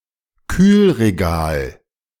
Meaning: refrigerated section, cooling shelf, chiller cabinet
- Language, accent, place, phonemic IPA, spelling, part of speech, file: German, Germany, Berlin, /ˈkyːlʁeˌɡaːl/, Kühlregal, noun, De-Kühlregal.ogg